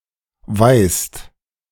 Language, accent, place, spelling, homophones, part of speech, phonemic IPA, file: German, Germany, Berlin, weist, weihst / weißt, verb, /vaɪ̯st/, De-weist.ogg
- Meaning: inflection of weisen: 1. second/third-person singular present 2. second-person plural present 3. plural imperative